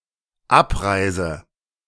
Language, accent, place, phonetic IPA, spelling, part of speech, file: German, Germany, Berlin, [ˈapˌʁaɪ̯zə], abreise, verb, De-abreise.ogg
- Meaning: inflection of abreisen: 1. first-person singular dependent present 2. first/third-person singular dependent subjunctive I